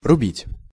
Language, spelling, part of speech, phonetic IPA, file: Russian, рубить, verb, [rʊˈbʲitʲ], Ru-рубить.ogg
- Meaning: 1. to axe, to fell, to chop, to cut (with an axe) 2. to build out of wood 3. to not mince words, to speak the truth, to speak one's mind